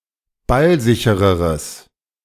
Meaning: strong/mixed nominative/accusative neuter singular comparative degree of ballsicher
- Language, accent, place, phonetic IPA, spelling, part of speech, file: German, Germany, Berlin, [ˈbalˌzɪçəʁəʁəs], ballsichereres, adjective, De-ballsichereres.ogg